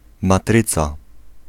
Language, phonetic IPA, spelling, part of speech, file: Polish, [maˈtrɨt͡sa], matryca, noun, Pl-matryca.ogg